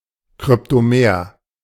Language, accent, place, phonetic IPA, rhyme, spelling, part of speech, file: German, Germany, Berlin, [kʁʏptoˈmeːɐ̯], -eːɐ̯, kryptomer, adjective, De-kryptomer.ogg
- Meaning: cryptomeric